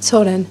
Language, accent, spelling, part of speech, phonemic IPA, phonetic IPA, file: Armenian, Eastern Armenian, ցորեն, noun, /t͡sʰoˈɾen/, [t͡sʰoɾén], Hy-ցորեն.ogg
- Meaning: 1. wheat, Triticum 2. wheat seed 3. wheatfield 4. bread